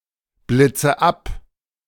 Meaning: inflection of abblitzen: 1. first-person singular present 2. first/third-person singular subjunctive I 3. singular imperative
- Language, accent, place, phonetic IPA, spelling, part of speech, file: German, Germany, Berlin, [ˌblɪt͡sə ˈap], blitze ab, verb, De-blitze ab.ogg